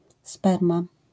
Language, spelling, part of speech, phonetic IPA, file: Polish, sperma, noun, [ˈspɛrma], LL-Q809 (pol)-sperma.wav